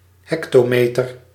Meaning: a hectometre (100 m)
- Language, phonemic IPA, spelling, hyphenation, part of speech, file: Dutch, /ˈɦɛk.toːˌmeː.tər/, hectometer, hec‧to‧me‧ter, noun, Nl-hectometer.ogg